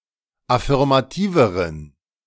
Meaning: inflection of affirmativ: 1. strong genitive masculine/neuter singular comparative degree 2. weak/mixed genitive/dative all-gender singular comparative degree
- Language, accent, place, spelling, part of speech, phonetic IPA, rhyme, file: German, Germany, Berlin, affirmativeren, adjective, [afɪʁmaˈtiːvəʁən], -iːvəʁən, De-affirmativeren.ogg